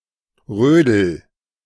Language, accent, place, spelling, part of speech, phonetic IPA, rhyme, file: German, Germany, Berlin, rödel, verb, [ˈʁøːdl̩], -øːdl̩, De-rödel.ogg
- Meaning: inflection of rödeln: 1. first-person singular present 2. singular imperative